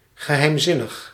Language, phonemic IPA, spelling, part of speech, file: Dutch, /ɣə.ˈɦɛɪ̯m.ˌzɪ.nəx/, geheimzinnig, adjective, Nl-geheimzinnig.ogg
- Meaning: secretive, mysterious